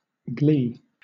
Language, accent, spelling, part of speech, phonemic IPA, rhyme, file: English, Southern England, glee, noun / verb, /ɡliː/, -iː, LL-Q1860 (eng)-glee.wav
- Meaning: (noun) 1. Joy; happiness; great delight, especially from one's own good fortune or from another's misfortune 2. Music; minstrelsy; entertainment